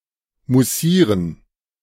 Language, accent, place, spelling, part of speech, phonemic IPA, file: German, Germany, Berlin, moussieren, verb, /muˈsiːrən/, De-moussieren.ogg
- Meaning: to have above-average carbonation; to sparkle (slightly)